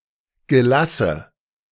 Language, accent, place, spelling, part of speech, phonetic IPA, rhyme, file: German, Germany, Berlin, Gelasse, noun, [ɡəˈlasə], -asə, De-Gelasse.ogg
- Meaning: nominative/accusative/genitive plural of Gelass